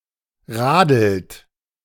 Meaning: inflection of radeln: 1. third-person singular present 2. second-person plural present 3. plural imperative
- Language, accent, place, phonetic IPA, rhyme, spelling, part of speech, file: German, Germany, Berlin, [ˈʁaːdl̩t], -aːdl̩t, radelt, verb, De-radelt.ogg